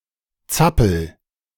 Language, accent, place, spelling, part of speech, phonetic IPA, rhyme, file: German, Germany, Berlin, zappel, verb, [ˈt͡sapl̩], -apl̩, De-zappel.ogg
- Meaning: inflection of zappeln: 1. first-person singular present 2. singular imperative